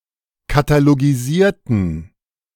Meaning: inflection of katalogisieren: 1. first/third-person plural preterite 2. first/third-person plural subjunctive II
- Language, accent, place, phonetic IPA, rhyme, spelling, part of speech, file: German, Germany, Berlin, [kataloɡiˈziːɐ̯tn̩], -iːɐ̯tn̩, katalogisierten, adjective / verb, De-katalogisierten.ogg